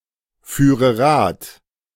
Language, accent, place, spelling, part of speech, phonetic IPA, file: German, Germany, Berlin, führe Rad, verb, [ˌfyːʁə ˈʁaːt], De-führe Rad.ogg
- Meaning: first/third-person singular subjunctive II of Rad fahren